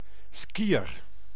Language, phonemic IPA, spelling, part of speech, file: Dutch, /ˈskiər/, skiër, noun, Nl-skiër.ogg
- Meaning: a skier, someone who practices skiing